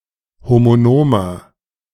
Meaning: inflection of homonom: 1. strong/mixed nominative masculine singular 2. strong genitive/dative feminine singular 3. strong genitive plural
- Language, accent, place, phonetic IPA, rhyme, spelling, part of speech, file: German, Germany, Berlin, [ˌhomoˈnoːmɐ], -oːmɐ, homonomer, adjective, De-homonomer.ogg